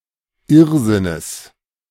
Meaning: genitive singular of Irrsinn
- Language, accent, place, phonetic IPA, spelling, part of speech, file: German, Germany, Berlin, [ˈɪʁzɪnəs], Irrsinnes, noun, De-Irrsinnes.ogg